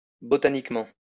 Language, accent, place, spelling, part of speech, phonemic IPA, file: French, France, Lyon, botaniquement, adverb, /bɔ.ta.nik.mɑ̃/, LL-Q150 (fra)-botaniquement.wav
- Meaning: botanically